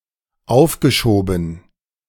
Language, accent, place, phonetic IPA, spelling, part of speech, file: German, Germany, Berlin, [ˈaʊ̯fɡəˌʃoːbn̩], aufgeschoben, verb, De-aufgeschoben.ogg
- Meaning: past participle of aufschieben